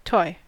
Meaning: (noun) 1. Something to play with, especially as intended for use by a child 2. A thing of little importance or value; a trifle 3. A simple, light piece of music, written especially for the virginal
- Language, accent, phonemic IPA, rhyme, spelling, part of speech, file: English, US, /tɔɪ/, -ɔɪ, toy, noun / verb / adjective, En-us-toy.ogg